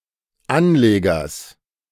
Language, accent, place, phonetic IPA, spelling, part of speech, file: German, Germany, Berlin, [ˈanˌleːɡɐs], Anlegers, noun, De-Anlegers.ogg
- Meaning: genitive singular of Anleger